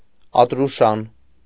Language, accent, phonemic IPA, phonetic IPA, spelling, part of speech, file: Armenian, Eastern Armenian, /ɑtɾuˈʃɑn/, [ɑtɾuʃɑ́n], ատրուշան, noun, Hy-ատրուշան.ogg
- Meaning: fire temple